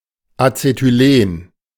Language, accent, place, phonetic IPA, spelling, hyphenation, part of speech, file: German, Germany, Berlin, [ˌat͡setyˈleːn], Acetylen, Ace‧ty‧len, noun, De-Acetylen.ogg
- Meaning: acetylene